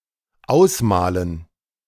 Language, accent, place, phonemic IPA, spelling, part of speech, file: German, Germany, Berlin, /ˈaʊ̯sˌmaːlən/, ausmalen, verb, De-ausmalen.ogg
- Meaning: 1. to color, to paint 2. to imagine, to picture